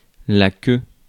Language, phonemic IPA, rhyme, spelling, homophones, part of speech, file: French, /kø/, -ø, queue, qu'eux / queux / queues, noun, Fr-queue.ogg
- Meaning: 1. tail 2. queue, line 3. cue 4. cock, dick (penis)